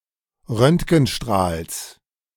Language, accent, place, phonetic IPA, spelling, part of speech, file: German, Germany, Berlin, [ˈʁœntɡn̩ˌʃtʁaːls], Röntgenstrahls, noun, De-Röntgenstrahls.ogg
- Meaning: genitive singular of Röntgenstrahl